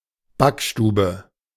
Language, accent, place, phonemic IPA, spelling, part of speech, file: German, Germany, Berlin, /ˈbakˌʃtuːbə/, Backstube, noun, De-Backstube.ogg
- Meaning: bakery